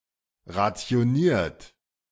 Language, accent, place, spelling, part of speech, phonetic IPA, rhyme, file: German, Germany, Berlin, rationiert, verb, [ʁat͡si̯oˈniːɐ̯t], -iːɐ̯t, De-rationiert.ogg
- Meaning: 1. past participle of rationieren 2. inflection of rationieren: third-person singular present 3. inflection of rationieren: second-person plural present 4. inflection of rationieren: plural imperative